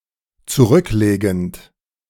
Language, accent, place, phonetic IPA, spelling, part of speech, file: German, Germany, Berlin, [t͡suˈʁʏkˌleːɡn̩t], zurücklegend, verb, De-zurücklegend.ogg
- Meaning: present participle of zurücklegen